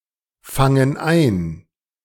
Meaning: inflection of einfangen: 1. first/third-person plural present 2. first/third-person plural subjunctive I
- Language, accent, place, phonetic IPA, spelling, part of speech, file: German, Germany, Berlin, [ˌfaŋən ˈaɪ̯n], fangen ein, verb, De-fangen ein.ogg